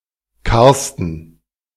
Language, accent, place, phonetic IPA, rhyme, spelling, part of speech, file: German, Germany, Berlin, [ˈkaʁstn̩], -aʁstn̩, Carsten, proper noun, De-Carsten.ogg
- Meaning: a male given name, variant of Karsten